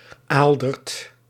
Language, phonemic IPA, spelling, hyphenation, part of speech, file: Dutch, /ˈaːl.dərt/, Aaldert, Aal‧dert, proper noun, Nl-Aaldert.ogg
- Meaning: a male given name